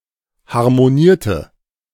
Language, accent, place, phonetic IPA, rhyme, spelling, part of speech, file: German, Germany, Berlin, [haʁmoˈniːɐ̯tə], -iːɐ̯tə, harmonierte, verb, De-harmonierte.ogg
- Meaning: inflection of harmonieren: 1. first/third-person singular preterite 2. first/third-person singular subjunctive II